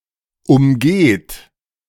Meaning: second-person plural present of umgehen
- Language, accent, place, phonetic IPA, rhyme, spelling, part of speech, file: German, Germany, Berlin, [ʊmˈɡeːt], -eːt, umgeht, verb, De-umgeht.ogg